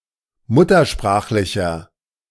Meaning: inflection of muttersprachlich: 1. strong/mixed nominative masculine singular 2. strong genitive/dative feminine singular 3. strong genitive plural
- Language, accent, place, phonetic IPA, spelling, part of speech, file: German, Germany, Berlin, [ˈmʊtɐˌʃpʁaːxlɪçɐ], muttersprachlicher, adjective, De-muttersprachlicher.ogg